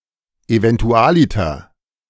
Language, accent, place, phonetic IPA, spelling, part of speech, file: German, Germany, Berlin, [evɛntʊˈalɪtɐ], eventualiter, adverb, De-eventualiter.ogg
- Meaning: eventually, in the end